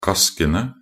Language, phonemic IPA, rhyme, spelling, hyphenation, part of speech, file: Norwegian Bokmål, /ˈkaskənə/, -ənə, kaskene, kask‧en‧e, noun, Nb-kaskene.ogg
- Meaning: definite plural of kask